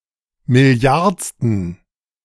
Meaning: inflection of milliardste: 1. strong genitive masculine/neuter singular 2. weak/mixed genitive/dative all-gender singular 3. strong/weak/mixed accusative masculine singular 4. strong dative plural
- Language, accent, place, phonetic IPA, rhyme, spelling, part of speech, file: German, Germany, Berlin, [mɪˈli̯aʁt͡stn̩], -aʁt͡stn̩, milliardsten, adjective, De-milliardsten.ogg